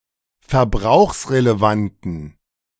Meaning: inflection of verbrauchsrelevant: 1. strong genitive masculine/neuter singular 2. weak/mixed genitive/dative all-gender singular 3. strong/weak/mixed accusative masculine singular
- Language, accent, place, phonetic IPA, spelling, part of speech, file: German, Germany, Berlin, [fɛɐ̯ˈbʁaʊ̯xsʁeleˌvantn̩], verbrauchsrelevanten, adjective, De-verbrauchsrelevanten.ogg